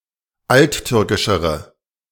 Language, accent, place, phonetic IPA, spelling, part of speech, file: German, Germany, Berlin, [ˈaltˌtʏʁkɪʃəʁə], alttürkischere, adjective, De-alttürkischere.ogg
- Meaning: inflection of alttürkisch: 1. strong/mixed nominative/accusative feminine singular comparative degree 2. strong nominative/accusative plural comparative degree